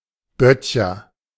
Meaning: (noun) cooper; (proper noun) a surname originating as an occupation
- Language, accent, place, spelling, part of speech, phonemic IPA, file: German, Germany, Berlin, Böttcher, noun / proper noun, /ˈbœtçɐ/, De-Böttcher.ogg